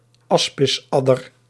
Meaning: asp viper (Vipera aspis)
- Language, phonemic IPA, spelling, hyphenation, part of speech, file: Dutch, /ˈɑs.pɪsˌɑ.dər/, aspisadder, as‧pis‧ad‧der, noun, Nl-aspisadder.ogg